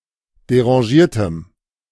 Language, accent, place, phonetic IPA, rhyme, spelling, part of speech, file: German, Germany, Berlin, [deʁɑ̃ˈʒiːɐ̯təm], -iːɐ̯təm, derangiertem, adjective, De-derangiertem.ogg
- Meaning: strong dative masculine/neuter singular of derangiert